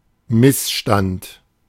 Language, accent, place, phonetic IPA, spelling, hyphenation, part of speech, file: German, Germany, Berlin, [ˈmɪsˌʃtant], Missstand, Miss‧stand, noun, De-Missstand.ogg
- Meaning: bad state of affairs